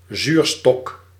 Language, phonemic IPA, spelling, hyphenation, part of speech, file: Dutch, /ˈzyːr.stɔk/, zuurstok, zuur‧stok, noun, Nl-zuurstok.ogg
- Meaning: sugar cane, peppermint stick